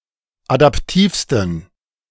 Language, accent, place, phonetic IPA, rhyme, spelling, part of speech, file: German, Germany, Berlin, [adapˈtiːfstn̩], -iːfstn̩, adaptivsten, adjective, De-adaptivsten.ogg
- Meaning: 1. superlative degree of adaptiv 2. inflection of adaptiv: strong genitive masculine/neuter singular superlative degree